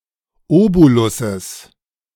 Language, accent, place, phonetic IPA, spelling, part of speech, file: German, Germany, Berlin, [ˈoːbolʊsəs], Obolusses, noun, De-Obolusses.ogg
- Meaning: genitive singular of Obolus